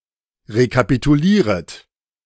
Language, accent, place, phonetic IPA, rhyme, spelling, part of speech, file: German, Germany, Berlin, [ʁekapituˈliːʁət], -iːʁət, rekapitulieret, verb, De-rekapitulieret.ogg
- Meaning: second-person plural subjunctive I of rekapitulieren